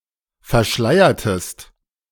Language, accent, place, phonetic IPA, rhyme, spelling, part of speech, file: German, Germany, Berlin, [fɛɐ̯ˈʃlaɪ̯ɐtəst], -aɪ̯ɐtəst, verschleiertest, verb, De-verschleiertest.ogg
- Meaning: inflection of verschleiern: 1. second-person singular preterite 2. second-person singular subjunctive II